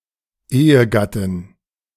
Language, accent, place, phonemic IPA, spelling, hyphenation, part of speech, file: German, Germany, Berlin, /ˈeːəˌɡatɪn/, Ehegattin, Ehe‧gat‧tin, noun, De-Ehegattin.ogg
- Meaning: female equivalent of Ehegatte: married woman, wife